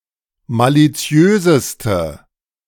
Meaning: inflection of maliziös: 1. strong/mixed nominative/accusative feminine singular superlative degree 2. strong nominative/accusative plural superlative degree
- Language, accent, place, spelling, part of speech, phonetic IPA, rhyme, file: German, Germany, Berlin, maliziöseste, adjective, [ˌmaliˈt͡si̯øːzəstə], -øːzəstə, De-maliziöseste.ogg